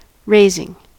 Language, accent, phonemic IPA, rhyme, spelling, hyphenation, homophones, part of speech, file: English, US, /ˈɹeɪzɪŋ/, -eɪzɪŋ, raising, rais‧ing, razing, verb / noun, En-us-raising.ogg
- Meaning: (verb) present participle and gerund of raise; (noun) 1. Elevation 2. Nurturing; cultivation; providing sustenance and protection for a living thing from conception to maturity 3. Recruitment